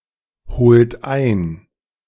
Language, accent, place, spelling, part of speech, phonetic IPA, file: German, Germany, Berlin, holt ein, verb, [ˌhoːlt ˈaɪ̯n], De-holt ein.ogg
- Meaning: inflection of einholen: 1. third-person singular present 2. second-person plural present 3. plural imperative